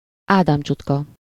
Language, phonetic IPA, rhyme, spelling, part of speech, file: Hungarian, [ˈaːdaːmt͡ʃutkɒ], -kɒ, ádámcsutka, noun, Hu-ádámcsutka.ogg
- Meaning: Adam's apple (the lump in the throat, usually more noticeable in men than in women; the laryngeal prominence)